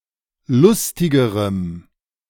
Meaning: strong dative masculine/neuter singular comparative degree of lustig
- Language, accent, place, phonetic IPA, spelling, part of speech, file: German, Germany, Berlin, [ˈlʊstɪɡəʁəm], lustigerem, adjective, De-lustigerem.ogg